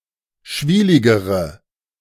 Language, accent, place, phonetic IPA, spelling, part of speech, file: German, Germany, Berlin, [ˈʃviːlɪɡəʁə], schwieligere, adjective, De-schwieligere.ogg
- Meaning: inflection of schwielig: 1. strong/mixed nominative/accusative feminine singular comparative degree 2. strong nominative/accusative plural comparative degree